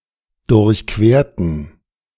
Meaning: inflection of durchqueren: 1. first/third-person plural preterite 2. first/third-person plural subjunctive II
- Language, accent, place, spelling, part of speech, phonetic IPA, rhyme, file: German, Germany, Berlin, durchquerten, adjective / verb, [dʊʁçˈkveːɐ̯tn̩], -eːɐ̯tn̩, De-durchquerten.ogg